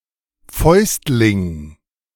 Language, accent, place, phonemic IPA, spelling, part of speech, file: German, Germany, Berlin, /ˈfɔʏ̯stlɪŋ/, Fäustling, noun, De-Fäustling.ogg
- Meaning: mitten